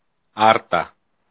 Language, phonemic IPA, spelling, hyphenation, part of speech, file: Greek, /ˈaɾ.ta/, Άρτα, Άρ‧τα, proper noun, El-Άρτα.ogg
- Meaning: Arta (a town in Epirus, Greece)